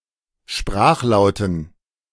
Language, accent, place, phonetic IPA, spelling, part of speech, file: German, Germany, Berlin, [ˈʃpʁaːxˌlaʊ̯tn̩], Sprachlauten, noun, De-Sprachlauten.ogg
- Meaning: dative plural of Sprachlaut